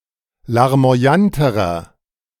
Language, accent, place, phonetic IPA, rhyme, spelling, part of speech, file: German, Germany, Berlin, [laʁmo̯aˈjantəʁɐ], -antəʁɐ, larmoyanterer, adjective, De-larmoyanterer.ogg
- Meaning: inflection of larmoyant: 1. strong/mixed nominative masculine singular comparative degree 2. strong genitive/dative feminine singular comparative degree 3. strong genitive plural comparative degree